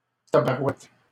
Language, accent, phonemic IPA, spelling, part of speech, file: French, Canada, /ta.ba.ʁwɛt/, tabarouette, interjection, LL-Q150 (fra)-tabarouette.wav
- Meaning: euphemistic form of tabarnak